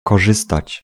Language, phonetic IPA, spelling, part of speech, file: Polish, [kɔˈʒɨstat͡ɕ], korzystać, verb, Pl-korzystać.ogg